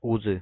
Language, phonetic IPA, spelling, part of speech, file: Russian, [ˈuzɨ], узы, noun, Ru-узы.ogg
- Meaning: bonds, ties